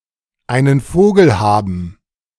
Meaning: To have a screw loose; be nuts; be crazy, to have bats in one's belfry
- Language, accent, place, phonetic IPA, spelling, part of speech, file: German, Germany, Berlin, [ˈaɪ̯nən ˈfoːɡl̩ ˈhabm̩], einen Vogel haben, phrase, De-einen Vogel haben.ogg